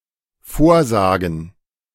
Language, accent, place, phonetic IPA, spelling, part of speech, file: German, Germany, Berlin, [ˈfoːɐ̯ˌzaːɡn̩], vorsagen, verb, De-vorsagen.ogg
- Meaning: 1. to say something for someone else to repeat 2. to say something aforehand, (especially) to reveal the answer to a posed question or problem (be it to spoil the quiz or to help someone) 3. to recite